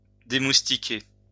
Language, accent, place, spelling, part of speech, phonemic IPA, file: French, France, Lyon, démoustiquer, verb, /de.mus.ti.ke/, LL-Q150 (fra)-démoustiquer.wav
- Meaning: to rid of mosquitos